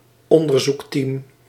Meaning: research team
- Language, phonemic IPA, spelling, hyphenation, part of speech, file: Dutch, /ˈɔn.dər.zuksˌtim/, onderzoeksteam, on‧der‧zoeks‧team, noun, Nl-onderzoeksteam.ogg